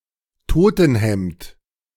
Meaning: shroud
- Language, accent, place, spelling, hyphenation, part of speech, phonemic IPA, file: German, Germany, Berlin, Totenhemd, To‧ten‧hemd, noun, /ˈtoːtn̩ˌhɛmt/, De-Totenhemd.ogg